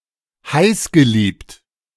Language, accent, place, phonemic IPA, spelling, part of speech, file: German, Germany, Berlin, /ˈhaɪ̯sɡəˌliːpt/, heißgeliebt, adjective, De-heißgeliebt.ogg
- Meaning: passionate